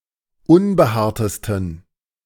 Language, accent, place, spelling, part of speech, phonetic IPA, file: German, Germany, Berlin, unbehaartesten, adjective, [ˈʊnbəˌhaːɐ̯təstn̩], De-unbehaartesten.ogg
- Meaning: 1. superlative degree of unbehaart 2. inflection of unbehaart: strong genitive masculine/neuter singular superlative degree